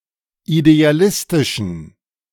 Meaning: inflection of idealistisch: 1. strong genitive masculine/neuter singular 2. weak/mixed genitive/dative all-gender singular 3. strong/weak/mixed accusative masculine singular 4. strong dative plural
- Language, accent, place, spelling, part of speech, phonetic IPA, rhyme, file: German, Germany, Berlin, idealistischen, adjective, [ideaˈlɪstɪʃn̩], -ɪstɪʃn̩, De-idealistischen.ogg